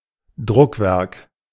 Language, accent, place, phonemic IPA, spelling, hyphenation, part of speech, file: German, Germany, Berlin, /ˈdʁʊkˌvɛʁk/, Druckwerk, Druck‧werk, noun, De-Druckwerk.ogg
- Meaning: 1. printed work 2. printing machine